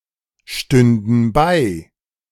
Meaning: first/third-person plural subjunctive II of beistehen
- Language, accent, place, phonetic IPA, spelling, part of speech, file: German, Germany, Berlin, [ˌʃtʏndn̩ ˈbaɪ̯], stünden bei, verb, De-stünden bei.ogg